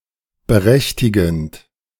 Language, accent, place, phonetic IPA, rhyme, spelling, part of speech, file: German, Germany, Berlin, [bəˈʁɛçtɪɡn̩t], -ɛçtɪɡn̩t, berechtigend, verb, De-berechtigend.ogg
- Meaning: present participle of berechtigen